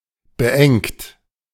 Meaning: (verb) past participle of beengen; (adjective) cramped
- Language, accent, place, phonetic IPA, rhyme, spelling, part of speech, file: German, Germany, Berlin, [bəˈʔɛŋt], -ɛŋt, beengt, adjective / verb, De-beengt.ogg